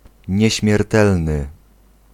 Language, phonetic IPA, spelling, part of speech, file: Polish, [ˌɲɛ̇ɕmʲjɛrˈtɛlnɨ], nieśmiertelny, adjective / noun, Pl-nieśmiertelny.ogg